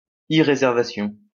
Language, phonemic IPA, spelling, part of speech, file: French, /ʁe.zɛʁ.va.sjɔ̃/, réservation, noun, LL-Q150 (fra)-réservation.wav
- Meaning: 1. reservation 2. booking